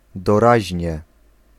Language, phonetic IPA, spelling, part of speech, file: Polish, [dɔˈraʑɲɛ], doraźnie, adverb, Pl-doraźnie.ogg